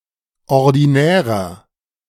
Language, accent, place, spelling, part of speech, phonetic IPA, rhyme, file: German, Germany, Berlin, ordinärer, adjective, [ɔʁdiˈnɛːʁɐ], -ɛːʁɐ, De-ordinärer.ogg
- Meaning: 1. comparative degree of ordinär 2. inflection of ordinär: strong/mixed nominative masculine singular 3. inflection of ordinär: strong genitive/dative feminine singular